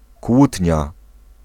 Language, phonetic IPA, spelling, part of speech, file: Polish, [ˈkwutʲɲa], kłótnia, noun, Pl-kłótnia.ogg